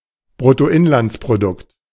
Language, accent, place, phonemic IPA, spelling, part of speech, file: German, Germany, Berlin, /ˌbʁʊtoˈʔɪnlantspʁoˌdʊkt/, Bruttoinlandsprodukt, noun, De-Bruttoinlandsprodukt.ogg
- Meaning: gross domestic product